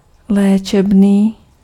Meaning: therapeutic (of, or relating to therapy)
- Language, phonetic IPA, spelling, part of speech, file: Czech, [ˈlɛːt͡ʃɛbniː], léčebný, adjective, Cs-léčebný.ogg